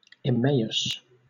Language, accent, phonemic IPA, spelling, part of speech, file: English, Southern England, /ɪˈmeɪ.əs/, Emmaus, proper noun, LL-Q1860 (eng)-Emmaus.wav
- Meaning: A town mentioned in the Gospel of Luke in the New Testament, where Jesus is said to have appeared, after his death and resurrection, before two disciples. Various locations have been suggested